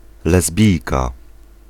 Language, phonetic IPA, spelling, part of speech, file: Polish, [lɛzˈbʲijka], lesbijka, noun, Pl-lesbijka.ogg